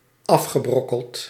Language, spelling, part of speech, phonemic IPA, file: Dutch, afgebrokkeld, verb, /ˈɑfxəˌbrɔkəlt/, Nl-afgebrokkeld.ogg
- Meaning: past participle of afbrokkelen